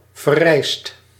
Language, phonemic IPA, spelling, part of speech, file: Dutch, /vɛˈrɛɪst/, verrijst, verb, Nl-verrijst.ogg
- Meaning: inflection of verrijzen: 1. second/third-person singular present indicative 2. plural imperative